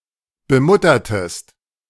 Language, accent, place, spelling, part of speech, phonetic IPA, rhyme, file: German, Germany, Berlin, bemuttertest, verb, [bəˈmʊtɐtəst], -ʊtɐtəst, De-bemuttertest.ogg
- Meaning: inflection of bemuttern: 1. second-person singular preterite 2. second-person singular subjunctive II